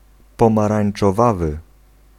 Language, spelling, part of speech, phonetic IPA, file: Polish, pomarańczowawy, adjective, [ˌpɔ̃marãj̃n͇t͡ʃɔˈvavɨ], Pl-pomarańczowawy.ogg